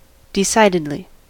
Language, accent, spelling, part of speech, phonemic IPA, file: English, US, decidedly, adverb, /dɪˈsaɪdɪdli/, En-us-decidedly.ogg
- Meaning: 1. In a manner which leaves little question; definitely, clearly 2. In a decided or final manner; resolutely